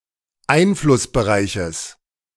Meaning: genitive singular of Einflussbereich
- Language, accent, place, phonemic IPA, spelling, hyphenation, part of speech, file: German, Germany, Berlin, /ˈaɪ̯nflʊsbəˌʁaɪ̯çəs/, Einflussbereiches, Ein‧fluss‧be‧rei‧ches, noun, De-Einflussbereiches.ogg